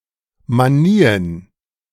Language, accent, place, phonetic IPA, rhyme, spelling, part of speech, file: German, Germany, Berlin, [maˈniːən], -iːən, Manien, noun, De-Manien.ogg
- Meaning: plural of Manie